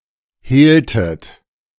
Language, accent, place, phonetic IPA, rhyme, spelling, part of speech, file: German, Germany, Berlin, [ˈheːltət], -eːltət, hehltet, verb, De-hehltet.ogg
- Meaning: inflection of hehlen: 1. second-person plural preterite 2. second-person plural subjunctive II